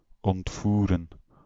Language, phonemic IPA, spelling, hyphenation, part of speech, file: Dutch, /ɔntˈfu.rə(n)/, ontvoeren, ont‧voe‧ren, verb, Nl-ontvoeren.ogg
- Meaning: to kidnap, to abduct (to seize and detain a person unlawfully)